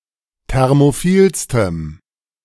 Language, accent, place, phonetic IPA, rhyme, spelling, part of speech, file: German, Germany, Berlin, [ˌtɛʁmoˈfiːlstəm], -iːlstəm, thermophilstem, adjective, De-thermophilstem.ogg
- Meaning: strong dative masculine/neuter singular superlative degree of thermophil